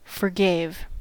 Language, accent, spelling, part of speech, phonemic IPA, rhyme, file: English, US, forgave, verb, /fɚˈɡeɪv/, -eɪv, En-us-forgave.ogg
- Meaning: simple past of forgive